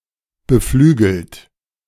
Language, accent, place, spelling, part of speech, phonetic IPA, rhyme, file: German, Germany, Berlin, beflügelt, verb, [bəˈflyːɡl̩t], -yːɡl̩t, De-beflügelt.ogg
- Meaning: past participle of beflügeln